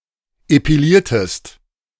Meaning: inflection of epilieren: 1. second-person singular preterite 2. second-person singular subjunctive II
- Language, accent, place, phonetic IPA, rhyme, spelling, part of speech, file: German, Germany, Berlin, [epiˈliːɐ̯təst], -iːɐ̯təst, epiliertest, verb, De-epiliertest.ogg